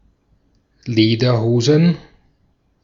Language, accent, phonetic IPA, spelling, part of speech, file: German, Austria, [ˈleːdɐˌhoːzn̩], Lederhosen, noun, De-at-Lederhosen.ogg
- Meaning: plural of Lederhose